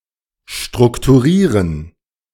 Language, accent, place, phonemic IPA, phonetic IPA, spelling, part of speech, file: German, Germany, Berlin, /ʃtʁʊktuˈʁiːʁən/, [ʃtʁʊktʰuˈʁiːʁn̩], strukturieren, verb, De-strukturieren.ogg
- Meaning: to structure (to give structure to; to arrange)